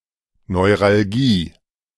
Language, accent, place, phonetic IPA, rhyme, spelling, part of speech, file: German, Germany, Berlin, [nɔɪ̯ʁalˈɡiː], -iː, Neuralgie, noun, De-Neuralgie.ogg
- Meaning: neuralgia